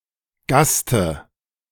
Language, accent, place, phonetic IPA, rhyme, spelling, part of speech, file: German, Germany, Berlin, [ˈɡastə], -astə, Gaste, noun, De-Gaste.ogg
- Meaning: dative singular of Gast